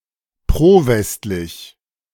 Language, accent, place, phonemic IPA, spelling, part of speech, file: German, Germany, Berlin, /ˈpʁoːˌvɛstlɪç/, prowestlich, adjective, De-prowestlich.ogg
- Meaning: pro-western